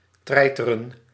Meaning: to bully, to annoy maliciously
- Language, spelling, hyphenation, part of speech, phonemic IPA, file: Dutch, treiteren, trei‧te‧ren, verb, /ˈtrɛi̯.tə.rə(n)/, Nl-treiteren.ogg